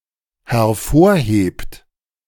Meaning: inflection of hervorheben: 1. third-person singular dependent present 2. second-person plural dependent present
- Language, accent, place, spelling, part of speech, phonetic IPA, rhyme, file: German, Germany, Berlin, hervorhebt, verb, [hɛɐ̯ˈfoːɐ̯ˌheːpt], -oːɐ̯heːpt, De-hervorhebt.ogg